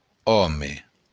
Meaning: man
- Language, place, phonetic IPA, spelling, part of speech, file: Occitan, Béarn, [ˈɔme], òme, noun, LL-Q14185 (oci)-òme.wav